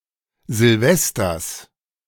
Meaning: genitive of Silvester
- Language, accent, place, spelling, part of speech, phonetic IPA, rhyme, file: German, Germany, Berlin, Silvesters, noun, [zɪlˈvɛstɐs], -ɛstɐs, De-Silvesters.ogg